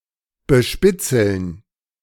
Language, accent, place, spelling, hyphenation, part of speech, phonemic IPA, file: German, Germany, Berlin, bespitzeln, be‧spit‧zeln, verb, /bəˈʃpɪt͡sl̩n/, De-bespitzeln.ogg
- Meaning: to spy on